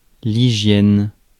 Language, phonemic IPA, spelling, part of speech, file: French, /i.ʒjɛn/, hygiène, noun, Fr-hygiène.ogg
- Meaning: hygiene